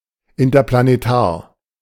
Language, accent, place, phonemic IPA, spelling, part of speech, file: German, Germany, Berlin, /ɪntɐplaneˈtaːɐ̯/, interplanetar, adjective, De-interplanetar.ogg
- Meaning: interplanetary